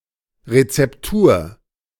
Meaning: 1. recipe 2. formula, formulation (for a product)
- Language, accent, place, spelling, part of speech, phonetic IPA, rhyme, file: German, Germany, Berlin, Rezeptur, noun, [ʁet͡sɛpˈtuːɐ̯], -uːɐ̯, De-Rezeptur.ogg